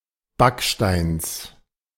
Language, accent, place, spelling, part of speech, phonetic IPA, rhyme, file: German, Germany, Berlin, Backsteins, noun, [ˈbakʃtaɪ̯ns], -akʃtaɪ̯ns, De-Backsteins.ogg
- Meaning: genitive singular of Backstein